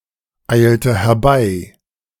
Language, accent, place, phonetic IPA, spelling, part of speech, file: German, Germany, Berlin, [ˌaɪ̯ltə hɛɐ̯ˈbaɪ̯], eilte herbei, verb, De-eilte herbei.ogg
- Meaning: inflection of herbeieilen: 1. first/third-person singular preterite 2. first/third-person singular subjunctive II